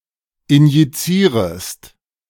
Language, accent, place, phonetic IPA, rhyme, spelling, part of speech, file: German, Germany, Berlin, [ɪnjiˈt͡siːʁəst], -iːʁəst, injizierest, verb, De-injizierest.ogg
- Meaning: second-person singular subjunctive I of injizieren